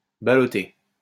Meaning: 1. to toss (around), to jolt 2. to ballot: to vote using a ballot
- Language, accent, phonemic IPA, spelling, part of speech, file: French, France, /ba.lɔ.te/, ballotter, verb, LL-Q150 (fra)-ballotter.wav